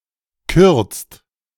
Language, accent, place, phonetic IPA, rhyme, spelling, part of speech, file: German, Germany, Berlin, [kʏʁt͡st], -ʏʁt͡st, kürzt, verb, De-kürzt.ogg
- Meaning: inflection of kürzen: 1. second/third-person singular present 2. second-person plural present 3. plural imperative